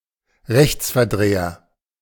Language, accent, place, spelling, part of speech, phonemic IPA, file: German, Germany, Berlin, Rechtsverdreher, noun, /ˈʁɛçt͡sfɛɐ̯ˌdʁeːɐ/, De-Rechtsverdreher.ogg
- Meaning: pettifogger